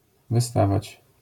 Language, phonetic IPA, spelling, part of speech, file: Polish, [vɨˈstavat͡ɕ], wystawać, verb, LL-Q809 (pol)-wystawać.wav